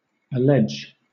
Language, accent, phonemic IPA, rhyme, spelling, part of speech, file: English, Southern England, /əˈlɛd͡ʒ/, -ɛdʒ, allege, verb, LL-Q1860 (eng)-allege.wav
- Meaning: 1. To state under oath, to plead 2. To cite or quote an author or his work for or against 3. To adduce (something) as a reason, excuse, support etc